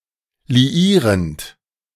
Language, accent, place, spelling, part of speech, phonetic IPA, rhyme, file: German, Germany, Berlin, liierend, verb, [liˈiːʁənt], -iːʁənt, De-liierend.ogg
- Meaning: present participle of liieren